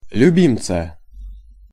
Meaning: genitive/accusative singular of люби́мец (ljubímec)
- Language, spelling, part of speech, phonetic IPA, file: Russian, любимца, noun, [lʲʉˈbʲimt͡sə], Ru-любимца.ogg